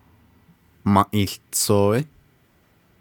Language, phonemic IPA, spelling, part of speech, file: Navajo, /mɑ̃̀ʔìː ɬɪ̀t͡sʰòːɪ́/, mąʼii łitsooí, noun, Nv-mąʼii łitsooí.ogg
- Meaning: red fox, kit fox, fox